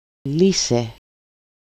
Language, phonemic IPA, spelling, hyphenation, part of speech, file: Greek, /ˈli.se/, λύσε, λύ‧σε, verb, El-λύσε.ogg
- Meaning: second-person singular simple past active perfective imperative of λύνω (lýno)